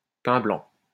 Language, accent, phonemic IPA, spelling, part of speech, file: French, France, /pɛ̃ blɑ̃/, pain blanc, noun, LL-Q150 (fra)-pain blanc.wav
- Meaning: white bread